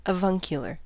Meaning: 1. In the manner of an uncle, pertaining to an uncle 2. Kind, genial, benevolent, or tolerant
- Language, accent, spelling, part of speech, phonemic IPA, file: English, US, avuncular, adjective, /əˈvʌŋkjʊlɚ/, En-us-avuncular.ogg